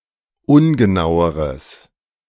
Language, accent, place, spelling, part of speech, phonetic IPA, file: German, Germany, Berlin, ungenaueres, adjective, [ˈʊnɡəˌnaʊ̯əʁəs], De-ungenaueres.ogg
- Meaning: strong/mixed nominative/accusative neuter singular comparative degree of ungenau